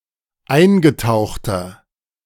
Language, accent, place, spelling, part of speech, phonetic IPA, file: German, Germany, Berlin, eingetauchter, adjective, [ˈaɪ̯nɡəˌtaʊ̯xtɐ], De-eingetauchter.ogg
- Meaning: inflection of eingetaucht: 1. strong/mixed nominative masculine singular 2. strong genitive/dative feminine singular 3. strong genitive plural